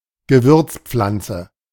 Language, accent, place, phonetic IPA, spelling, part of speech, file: German, Germany, Berlin, [ɡəˈvʏrtsˌpflantsə], Gewürzpflanze, noun, De-Gewürzpflanze.ogg
- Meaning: spice plant